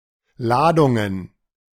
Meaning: plural of Ladung
- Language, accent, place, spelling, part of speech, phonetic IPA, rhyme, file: German, Germany, Berlin, Ladungen, noun, [ˈlaːdʊŋən], -aːdʊŋən, De-Ladungen.ogg